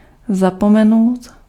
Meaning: to forget
- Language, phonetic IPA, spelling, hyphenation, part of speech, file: Czech, [ˈzapomɛnou̯t], zapomenout, za‧po‧me‧nout, verb, Cs-zapomenout.ogg